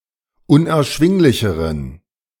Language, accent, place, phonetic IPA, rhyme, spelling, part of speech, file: German, Germany, Berlin, [ʊnʔɛɐ̯ˈʃvɪŋlɪçəʁən], -ɪŋlɪçəʁən, unerschwinglicheren, adjective, De-unerschwinglicheren.ogg
- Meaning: inflection of unerschwinglich: 1. strong genitive masculine/neuter singular comparative degree 2. weak/mixed genitive/dative all-gender singular comparative degree